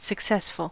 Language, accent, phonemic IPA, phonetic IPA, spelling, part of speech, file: English, US, /səkˈsɛs.fəl/, [səkˈsɛs.fɫ̩], successful, adjective, En-us-successful.ogg
- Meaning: Resulting in success; assuring or promoting success; accomplishing what was proposed; having the desired effect